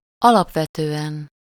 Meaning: fundamentally, basically, essentially
- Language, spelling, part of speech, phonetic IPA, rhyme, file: Hungarian, alapvetően, adverb, [ˈɒlɒpvɛtøːɛn], -ɛn, Hu-alapvetően.ogg